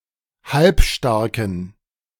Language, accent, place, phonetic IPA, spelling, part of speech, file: German, Germany, Berlin, [ˈhalpˌʃtaʁkn̩], halbstarken, adjective, De-halbstarken.ogg
- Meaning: inflection of halbstark: 1. strong genitive masculine/neuter singular 2. weak/mixed genitive/dative all-gender singular 3. strong/weak/mixed accusative masculine singular 4. strong dative plural